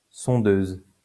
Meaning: probe, drill
- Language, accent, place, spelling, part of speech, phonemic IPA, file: French, France, Lyon, sondeuse, noun, /sɔ̃.døz/, LL-Q150 (fra)-sondeuse.wav